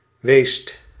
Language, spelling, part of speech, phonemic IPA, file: Dutch, weest, verb / adjective, /west/, Nl-weest.ogg
- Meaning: 1. plural imperative of zijn 2. imperative of zijn 3. second-person (gij) singular past indicative of wijzen